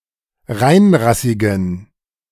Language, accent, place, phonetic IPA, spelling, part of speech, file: German, Germany, Berlin, [ˈʁaɪ̯nˌʁasɪɡn̩], reinrassigen, adjective, De-reinrassigen.ogg
- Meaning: inflection of reinrassig: 1. strong genitive masculine/neuter singular 2. weak/mixed genitive/dative all-gender singular 3. strong/weak/mixed accusative masculine singular 4. strong dative plural